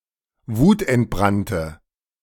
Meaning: inflection of wutentbrannt: 1. strong/mixed nominative/accusative feminine singular 2. strong nominative/accusative plural 3. weak nominative all-gender singular
- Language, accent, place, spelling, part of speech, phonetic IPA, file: German, Germany, Berlin, wutentbrannte, adjective, [ˈvuːtʔɛntˌbʁantə], De-wutentbrannte.ogg